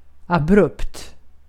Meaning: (adjective) abrupt, sudden; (adverb) suddenly
- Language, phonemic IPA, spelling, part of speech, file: Swedish, /aˈbrɵpːt/, abrupt, adjective / adverb, Sv-abrupt.ogg